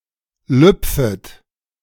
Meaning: second-person plural subjunctive I of lüpfen
- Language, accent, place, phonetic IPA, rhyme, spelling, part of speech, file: German, Germany, Berlin, [ˈlʏp͡fət], -ʏp͡fət, lüpfet, verb, De-lüpfet.ogg